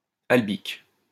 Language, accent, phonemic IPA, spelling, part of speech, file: French, France, /al.bik/, albique, adjective, LL-Q150 (fra)-albique.wav
- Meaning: albic